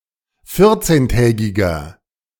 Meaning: inflection of vierzehntägig: 1. strong/mixed nominative masculine singular 2. strong genitive/dative feminine singular 3. strong genitive plural
- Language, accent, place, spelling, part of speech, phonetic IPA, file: German, Germany, Berlin, vierzehntägiger, adjective, [ˈfɪʁt͡seːnˌtɛːɡɪɡɐ], De-vierzehntägiger.ogg